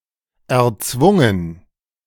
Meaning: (verb) past participle of erzwingen; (adjective) forced; enforced
- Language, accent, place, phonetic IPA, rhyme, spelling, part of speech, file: German, Germany, Berlin, [ɛɐ̯ˈt͡svʊŋən], -ʊŋən, erzwungen, verb, De-erzwungen.ogg